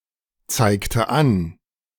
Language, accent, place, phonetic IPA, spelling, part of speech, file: German, Germany, Berlin, [ˌt͡saɪ̯ktə ˈan], zeigte an, verb, De-zeigte an.ogg
- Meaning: inflection of anzeigen: 1. first/third-person singular preterite 2. first/third-person singular subjunctive II